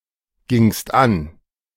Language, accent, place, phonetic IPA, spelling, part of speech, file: German, Germany, Berlin, [ɡɪŋst ˈan], gingst an, verb, De-gingst an.ogg
- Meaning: second-person singular preterite of angehen